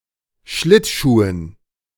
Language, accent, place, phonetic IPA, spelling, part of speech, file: German, Germany, Berlin, [ˈʃlɪtˌʃuːən], Schlittschuhen, noun, De-Schlittschuhen.ogg
- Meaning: dative plural of Schlittschuh